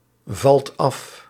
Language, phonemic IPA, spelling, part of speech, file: Dutch, /ˈvɑlt ˈɑf/, valt af, verb, Nl-valt af.ogg
- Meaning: inflection of afvallen: 1. second/third-person singular present indicative 2. plural imperative